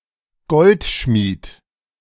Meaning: goldsmith
- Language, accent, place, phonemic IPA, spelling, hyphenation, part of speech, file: German, Germany, Berlin, /ˈɡɔltˌʃmiːt/, Goldschmied, Gold‧schmied, noun, De-Goldschmied.ogg